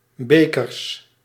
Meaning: plural of beker
- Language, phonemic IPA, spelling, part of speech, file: Dutch, /ˈbekərs/, bekers, noun, Nl-bekers.ogg